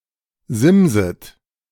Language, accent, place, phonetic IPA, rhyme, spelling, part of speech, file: German, Germany, Berlin, [ˈzɪmzət], -ɪmzət, simset, verb, De-simset.ogg
- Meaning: second-person plural subjunctive I of simsen